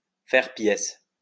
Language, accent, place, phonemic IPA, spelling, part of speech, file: French, France, Lyon, /fɛʁ pjɛs/, faire pièce, verb, LL-Q150 (fra)-faire pièce.wav
- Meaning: to thwart, to stymie, to foil